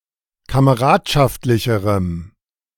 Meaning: strong dative masculine/neuter singular comparative degree of kameradschaftlich
- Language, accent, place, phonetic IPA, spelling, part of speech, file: German, Germany, Berlin, [kaməˈʁaːtʃaftlɪçəʁəm], kameradschaftlicherem, adjective, De-kameradschaftlicherem.ogg